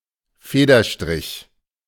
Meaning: 1. stroke of a feather 2. penstroke
- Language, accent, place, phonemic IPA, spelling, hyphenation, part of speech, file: German, Germany, Berlin, /ˈfeːdɐˌʃtʁɪç/, Federstrich, Fe‧der‧strich, noun, De-Federstrich.ogg